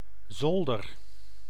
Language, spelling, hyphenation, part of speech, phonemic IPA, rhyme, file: Dutch, zolder, zol‧der, noun, /ˈzɔldər/, -ɔldər, Nl-zolder.ogg
- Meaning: attic (space, often unfinished and with sloped walls, directly below the roof)